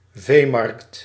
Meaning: livestock market
- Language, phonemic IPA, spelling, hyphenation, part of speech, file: Dutch, /ˈveː.mɑrkt/, veemarkt, vee‧markt, noun, Nl-veemarkt.ogg